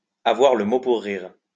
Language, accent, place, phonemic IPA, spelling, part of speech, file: French, France, Lyon, /a.vwaʁ lə mo puʁ ʁiʁ/, avoir le mot pour rire, verb, LL-Q150 (fra)-avoir le mot pour rire.wav
- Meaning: to make jokes; to be funny, to make people laugh